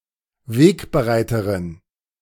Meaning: female equivalent of Wegbereiter
- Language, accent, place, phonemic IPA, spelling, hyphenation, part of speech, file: German, Germany, Berlin, /ˈveːkbəˌʁaɪ̯təʁɪn/, Wegbereiterin, Weg‧be‧rei‧te‧rin, noun, De-Wegbereiterin.ogg